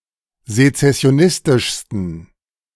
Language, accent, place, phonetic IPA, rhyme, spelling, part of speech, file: German, Germany, Berlin, [zet͡sɛsi̯oˈnɪstɪʃstn̩], -ɪstɪʃstn̩, sezessionistischsten, adjective, De-sezessionistischsten.ogg
- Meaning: 1. superlative degree of sezessionistisch 2. inflection of sezessionistisch: strong genitive masculine/neuter singular superlative degree